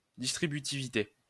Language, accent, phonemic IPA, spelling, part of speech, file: French, France, /dis.tʁi.by.ti.vi.te/, distributivité, noun, LL-Q150 (fra)-distributivité.wav
- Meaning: distributivity